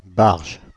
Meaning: apocopic form of barjot
- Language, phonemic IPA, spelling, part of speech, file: French, /baʁʒ/, barje, adjective, Fr-barje.ogg